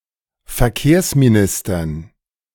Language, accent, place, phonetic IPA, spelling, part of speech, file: German, Germany, Berlin, [fɛɐ̯ˈkeːɐ̯smiˌnɪstɐn], Verkehrsministern, noun, De-Verkehrsministern.ogg
- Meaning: dative plural of Verkehrsminister